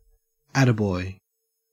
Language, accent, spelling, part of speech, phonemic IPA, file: English, Australia, attaboy, interjection / noun, /ˈætəˌbɔɪ/, En-au-attaboy.ogg
- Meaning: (interjection) Used to show encouragement or approval to a boy, man, or male animal; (noun) A cry of encouragement; an accolade